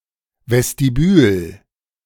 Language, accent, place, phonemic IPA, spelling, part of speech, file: German, Germany, Berlin, /vɛstiˈbyːl/, Vestibül, noun, De-Vestibül.ogg
- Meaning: lobby, large vestibule found in palaces etc